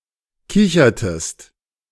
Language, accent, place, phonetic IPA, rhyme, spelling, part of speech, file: German, Germany, Berlin, [ˈkɪçɐtəst], -ɪçɐtəst, kichertest, verb, De-kichertest.ogg
- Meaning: inflection of kichern: 1. second-person singular preterite 2. second-person singular subjunctive II